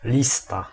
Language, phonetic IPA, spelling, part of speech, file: Polish, [ˈlʲista], lista, noun, Pl-lista.ogg